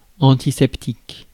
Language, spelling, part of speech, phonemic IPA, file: French, antiseptique, noun / adjective, /ɑ̃.ti.sɛp.tik/, Fr-antiseptique.ogg
- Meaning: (noun) antiseptic (substance that inhibits the growth of microorganisms); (adjective) antiseptic (capable of preventing microbial infection)